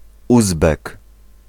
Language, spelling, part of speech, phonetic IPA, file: Polish, Uzbek, noun, [ˈuzbɛk], Pl-Uzbek.ogg